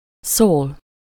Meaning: 1. to speak, say, talk to someone (-hoz/-hez/-höz) 2. to speak (to say a word, sentence) 3. to be about, handle (-ról/-ről) 4. to let know, inform, notify, apprise, call (-nak/-nek)
- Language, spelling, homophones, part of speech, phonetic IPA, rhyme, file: Hungarian, szól, soul, verb, [ˈsoːl], -oːl, Hu-szól.ogg